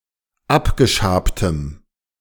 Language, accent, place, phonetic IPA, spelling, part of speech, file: German, Germany, Berlin, [ˈapɡəˌʃaːptəm], abgeschabtem, adjective, De-abgeschabtem.ogg
- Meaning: strong dative masculine/neuter singular of abgeschabt